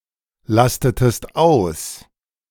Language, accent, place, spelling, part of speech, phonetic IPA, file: German, Germany, Berlin, lastetest aus, verb, [ˌlastətəst ˈaʊ̯s], De-lastetest aus.ogg
- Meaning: inflection of auslasten: 1. second-person singular preterite 2. second-person singular subjunctive II